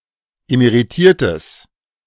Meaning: strong/mixed nominative/accusative neuter singular of emeritiert
- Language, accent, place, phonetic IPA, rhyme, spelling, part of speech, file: German, Germany, Berlin, [emeʁiˈtiːɐ̯təs], -iːɐ̯təs, emeritiertes, adjective, De-emeritiertes.ogg